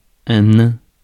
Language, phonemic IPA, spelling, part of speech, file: French, /nɛ̃/, nain, adjective / noun, Fr-nain.ogg
- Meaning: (adjective) dwarf; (noun) 1. dwarf (short human, small thing, mythological or fictional creature) 2. gnome (decorative, in a garden)